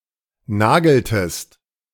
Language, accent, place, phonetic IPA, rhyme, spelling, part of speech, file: German, Germany, Berlin, [ˈnaːɡl̩təst], -aːɡl̩təst, nageltest, verb, De-nageltest.ogg
- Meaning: inflection of nageln: 1. second-person singular preterite 2. second-person singular subjunctive II